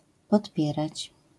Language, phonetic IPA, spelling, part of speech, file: Polish, [pɔtˈpʲjɛrat͡ɕ], podpierać, verb, LL-Q809 (pol)-podpierać.wav